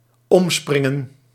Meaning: 1. to handle, to treat 2. to jump about, to hop around
- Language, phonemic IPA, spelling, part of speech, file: Dutch, /ˈɔmsprɪŋə(n)/, omspringen, verb, Nl-omspringen.ogg